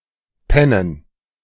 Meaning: 1. to sleep 2. to be inattentive
- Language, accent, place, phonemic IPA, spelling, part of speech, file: German, Germany, Berlin, /ˈpɛnən/, pennen, verb, De-pennen.ogg